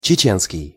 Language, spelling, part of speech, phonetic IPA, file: Russian, чеченский, adjective, [t͡ɕɪˈt͡ɕenskʲɪj], Ru-чеченский.ogg
- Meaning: Chechen